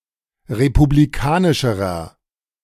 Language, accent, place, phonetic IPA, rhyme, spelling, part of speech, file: German, Germany, Berlin, [ʁepubliˈkaːnɪʃəʁɐ], -aːnɪʃəʁɐ, republikanischerer, adjective, De-republikanischerer.ogg
- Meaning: inflection of republikanisch: 1. strong/mixed nominative masculine singular comparative degree 2. strong genitive/dative feminine singular comparative degree